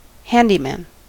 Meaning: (noun) A person who does small tasks and odd jobs, especially building repairs and the like; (verb) To work as a handyman; to do odd jobs
- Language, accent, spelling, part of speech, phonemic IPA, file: English, US, handyman, noun / verb, /ˈhændimæn/, En-us-handyman.ogg